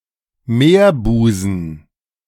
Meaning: bay, gulf, inlet
- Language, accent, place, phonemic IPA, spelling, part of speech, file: German, Germany, Berlin, /ˈmeːɐ̯ˌbuːzn̩/, Meerbusen, noun, De-Meerbusen.ogg